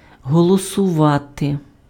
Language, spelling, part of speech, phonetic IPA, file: Ukrainian, голосувати, verb, [ɦɔɫɔsʊˈʋate], Uk-голосувати.ogg
- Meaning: to vote